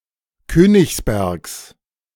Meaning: genitive singular of Königsberg
- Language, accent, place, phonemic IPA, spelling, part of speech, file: German, Germany, Berlin, /ˈkøːnɪçsbɛʁks/, Königsbergs, proper noun, De-Königsbergs.ogg